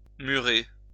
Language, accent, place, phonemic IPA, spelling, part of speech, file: French, France, Lyon, /my.ʁe/, murer, verb, LL-Q150 (fra)-murer.wav
- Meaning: 1. to wall; wall off 2. to wall up 3. to lock up (put into prison)